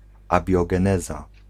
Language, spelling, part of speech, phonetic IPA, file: Polish, abiogeneza, noun, [ˌabʲjɔɡɛ̃ˈnɛza], Pl-abiogeneza.ogg